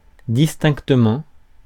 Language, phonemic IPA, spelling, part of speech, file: French, /dis.tɛ̃k.tə.mɑ̃/, distinctement, adverb, Fr-distinctement.ogg
- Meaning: distinctly